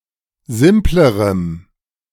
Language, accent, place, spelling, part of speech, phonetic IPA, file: German, Germany, Berlin, simplerem, adjective, [ˈzɪmpləʁəm], De-simplerem.ogg
- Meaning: strong dative masculine/neuter singular comparative degree of simpel